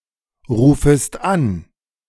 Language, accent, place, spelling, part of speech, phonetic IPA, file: German, Germany, Berlin, rufest an, verb, [ˌʁuːfəst ˈan], De-rufest an.ogg
- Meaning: second-person singular subjunctive I of anrufen